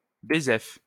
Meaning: alternative spelling of bézef
- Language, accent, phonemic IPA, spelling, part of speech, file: French, France, /be.zɛf/, bezef, adverb, LL-Q150 (fra)-bezef.wav